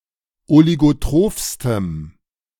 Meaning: strong dative masculine/neuter singular superlative degree of oligotroph
- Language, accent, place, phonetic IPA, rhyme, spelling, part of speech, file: German, Germany, Berlin, [oliɡoˈtʁoːfstəm], -oːfstəm, oligotrophstem, adjective, De-oligotrophstem.ogg